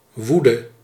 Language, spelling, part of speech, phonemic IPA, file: Dutch, woede, noun / verb, /ˈʋudə/, Nl-woede.ogg
- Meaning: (noun) 1. anger, wrath, outrage 2. frenzy; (verb) singular present subjunctive of woeden